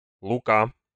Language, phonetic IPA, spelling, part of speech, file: Russian, [ɫʊˈka], Лука, proper noun, Ru-Лука.ogg
- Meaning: a male given name, Luka, equivalent to English Luke or Lucas